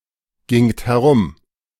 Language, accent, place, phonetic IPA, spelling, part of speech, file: German, Germany, Berlin, [ˌɡɪŋt hɛˈʁʊm], gingt herum, verb, De-gingt herum.ogg
- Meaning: second-person plural preterite of herumgehen